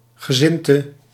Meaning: religious denomination
- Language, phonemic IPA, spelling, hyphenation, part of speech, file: Dutch, /ɣəˈzɪn.tə/, gezindte, ge‧zind‧te, noun, Nl-gezindte.ogg